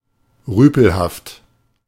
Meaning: loutish, boorish
- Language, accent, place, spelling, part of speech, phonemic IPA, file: German, Germany, Berlin, rüpelhaft, adjective, /ˈʁyːpl̩haft/, De-rüpelhaft.ogg